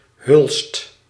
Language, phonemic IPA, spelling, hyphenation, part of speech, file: Dutch, /ɦʏlst/, hulst, hulst, noun, Nl-hulst.ogg
- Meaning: holly, common holly (Ilex aquifolium)